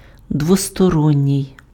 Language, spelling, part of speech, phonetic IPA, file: Ukrainian, двосторонній, adjective, [dwɔstɔˈrɔnʲːii̯], Uk-двосторонній.ogg
- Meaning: 1. two-sided, double-sided (having two sides) 2. bilateral, ambilateral (affecting or manifested on both sides) 3. bilateral, bipartite, two-way (involving two parties)